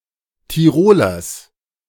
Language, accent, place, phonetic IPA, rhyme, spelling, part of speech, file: German, Germany, Berlin, [tiˈʁoːlɐs], -oːlɐs, Tirolers, noun, De-Tirolers.ogg
- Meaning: genitive singular of Tiroler